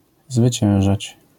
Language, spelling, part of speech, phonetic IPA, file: Polish, zwyciężać, verb, [zvɨˈt͡ɕɛ̃w̃ʒat͡ɕ], LL-Q809 (pol)-zwyciężać.wav